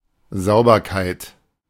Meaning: cleanliness
- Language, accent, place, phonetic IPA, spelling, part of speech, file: German, Germany, Berlin, [ˈzaʊ̯bɐkaɪ̯t], Sauberkeit, noun, De-Sauberkeit.ogg